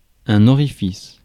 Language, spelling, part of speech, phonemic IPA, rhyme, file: French, orifice, noun, /ɔ.ʁi.fis/, -is, Fr-orifice.ogg
- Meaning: orifice